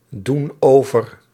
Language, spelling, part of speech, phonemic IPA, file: Dutch, doen over, verb, /ˈdun ˈovər/, Nl-doen over.ogg
- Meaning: inflection of overdoen: 1. plural present indicative 2. plural present subjunctive